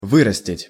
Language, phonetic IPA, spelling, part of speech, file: Russian, [ˈvɨrəsʲtʲɪtʲ], вырастить, verb, Ru-вырастить.ogg
- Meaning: 1. to grow, to raise, to cultivate 2. to breed, to rear, to raise 3. to bring up 4. to train, to prepare, to form